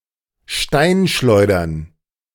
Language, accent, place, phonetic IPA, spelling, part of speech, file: German, Germany, Berlin, [ˈʃtaɪ̯nˌʃlɔɪ̯dɐn], Steinschleudern, noun, De-Steinschleudern.ogg
- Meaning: plural of Steinschleuder